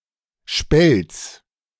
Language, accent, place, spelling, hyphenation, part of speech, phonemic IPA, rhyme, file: German, Germany, Berlin, Spelz, Spelz, noun, /ʃpɛlt͡s/, -ɛlt͡s, De-Spelz.ogg
- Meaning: spelt